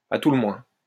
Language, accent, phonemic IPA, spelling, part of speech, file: French, France, /a tu lə mwɛ̃/, à tout le moins, adverb, LL-Q150 (fra)-à tout le moins.wav
- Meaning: at the very least, at least